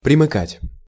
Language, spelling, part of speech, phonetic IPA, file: Russian, примыкать, verb, [prʲɪmɨˈkatʲ], Ru-примыкать.ogg
- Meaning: 1. to join, to side (with) 2. to adjoin, to border, to abut 3. to adjoin